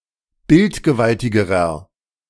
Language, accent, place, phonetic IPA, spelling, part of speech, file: German, Germany, Berlin, [ˈbɪltɡəˌvaltɪɡəʁɐ], bildgewaltigerer, adjective, De-bildgewaltigerer.ogg
- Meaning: inflection of bildgewaltig: 1. strong/mixed nominative masculine singular comparative degree 2. strong genitive/dative feminine singular comparative degree 3. strong genitive plural comparative degree